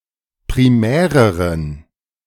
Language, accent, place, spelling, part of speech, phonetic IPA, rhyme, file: German, Germany, Berlin, primäreren, adjective, [pʁiˈmɛːʁəʁən], -ɛːʁəʁən, De-primäreren.ogg
- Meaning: inflection of primär: 1. strong genitive masculine/neuter singular comparative degree 2. weak/mixed genitive/dative all-gender singular comparative degree